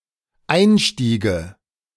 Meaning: first/third-person singular dependent subjunctive II of einsteigen
- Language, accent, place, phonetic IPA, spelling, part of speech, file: German, Germany, Berlin, [ˈaɪ̯nˌʃtiːɡə], einstiege, verb, De-einstiege.ogg